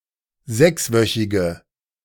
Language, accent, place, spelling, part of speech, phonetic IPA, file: German, Germany, Berlin, sechswöchige, adjective, [ˈzɛksˌvœçɪɡə], De-sechswöchige.ogg
- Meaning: inflection of sechswöchig: 1. strong/mixed nominative/accusative feminine singular 2. strong nominative/accusative plural 3. weak nominative all-gender singular